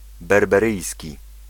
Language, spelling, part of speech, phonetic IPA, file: Polish, berberyjski, adjective / noun, [ˌbɛrbɛˈrɨjsʲci], Pl-berberyjski.ogg